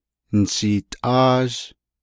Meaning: first-person duoplural perfect active indicative of naaghá
- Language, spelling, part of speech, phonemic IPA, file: Navajo, nishiitʼáázh, verb, /nɪ̀ʃìːtʼɑ́ːʒ/, Nv-nishiitʼáázh.ogg